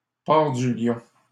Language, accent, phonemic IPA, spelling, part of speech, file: French, Canada, /paʁ dy ljɔ̃/, part du lion, noun, LL-Q150 (fra)-part du lion.wav
- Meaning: lion's share (a large or generous portion; the largest portion)